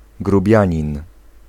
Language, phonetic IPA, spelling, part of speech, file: Polish, [ɡruˈbʲjä̃ɲĩn], grubianin, noun, Pl-grubianin.ogg